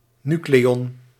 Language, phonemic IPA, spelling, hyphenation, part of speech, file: Dutch, /ˈny.kleː.ɔn/, nucleon, nu‧cle‧on, noun, Nl-nucleon.ogg
- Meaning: nucleon